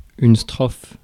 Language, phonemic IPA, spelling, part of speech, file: French, /stʁɔf/, strophe, noun, Fr-strophe.ogg
- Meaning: stanza